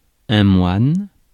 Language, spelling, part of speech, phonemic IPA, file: French, moine, noun, /mwan/, Fr-moine.ogg
- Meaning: monk